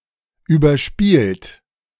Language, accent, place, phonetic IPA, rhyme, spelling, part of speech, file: German, Germany, Berlin, [yːbɐˈʃpiːlt], -iːlt, überspielt, verb, De-überspielt.ogg
- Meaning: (verb) past participle of überspielen; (adjective) 1. overplayed (playing (in a game, etc.) too often; overexerted) 2. worn, old, overused